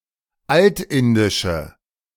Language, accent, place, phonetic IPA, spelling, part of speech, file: German, Germany, Berlin, [ˈaltˌɪndɪʃə], altindische, adjective, De-altindische.ogg
- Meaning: inflection of altindisch: 1. strong/mixed nominative/accusative feminine singular 2. strong nominative/accusative plural 3. weak nominative all-gender singular